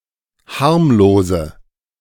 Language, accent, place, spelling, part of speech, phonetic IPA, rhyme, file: German, Germany, Berlin, harmlose, adjective, [ˈhaʁmloːzə], -aʁmloːzə, De-harmlose.ogg
- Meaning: inflection of harmlos: 1. strong/mixed nominative/accusative feminine singular 2. strong nominative/accusative plural 3. weak nominative all-gender singular 4. weak accusative feminine/neuter singular